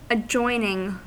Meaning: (adjective) Being in contact at some point or line; joining to; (verb) present participle and gerund of adjoin
- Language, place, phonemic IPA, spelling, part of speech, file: English, California, /əˈd͡ʒɔɪ.nɪŋ/, adjoining, adjective / verb, En-us-adjoining.ogg